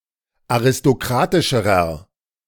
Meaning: inflection of aristokratisch: 1. strong/mixed nominative masculine singular comparative degree 2. strong genitive/dative feminine singular comparative degree
- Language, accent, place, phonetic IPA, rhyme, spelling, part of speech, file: German, Germany, Berlin, [aʁɪstoˈkʁaːtɪʃəʁɐ], -aːtɪʃəʁɐ, aristokratischerer, adjective, De-aristokratischerer.ogg